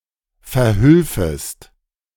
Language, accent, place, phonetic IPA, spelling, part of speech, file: German, Germany, Berlin, [fɛɐ̯ˈhʏlfəst], verhülfest, verb, De-verhülfest.ogg
- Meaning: second-person singular subjunctive II of verhelfen